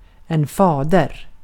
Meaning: 1. father 2. father, a term of address for a Christian priest 3. father, creator
- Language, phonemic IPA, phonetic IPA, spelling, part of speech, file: Swedish, /²fɑːdɛr/, [ˈfɑːdɛ̠r], fader, noun, Sv-fader.ogg